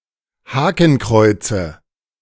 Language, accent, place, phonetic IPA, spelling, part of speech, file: German, Germany, Berlin, [ˈhaːkn̩ˌkʁɔɪ̯t͡sə], Hakenkreuze, noun, De-Hakenkreuze.ogg
- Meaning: nominative/accusative/genitive plural of Hakenkreuz